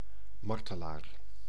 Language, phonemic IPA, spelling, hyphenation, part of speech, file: Dutch, /ˈmɑrtəˌlar/, martelaar, mar‧te‧laar, noun, Nl-martelaar.ogg
- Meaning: martyr